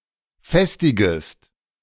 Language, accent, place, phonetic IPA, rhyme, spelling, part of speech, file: German, Germany, Berlin, [ˈfɛstɪɡəst], -ɛstɪɡəst, festigest, verb, De-festigest.ogg
- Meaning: second-person singular subjunctive I of festigen